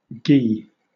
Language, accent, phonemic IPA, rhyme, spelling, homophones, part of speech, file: English, Southern England, /ɡiː/, -iː, gee, ghee, noun, LL-Q1860 (eng)-gee.wav
- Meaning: Vagina, vulva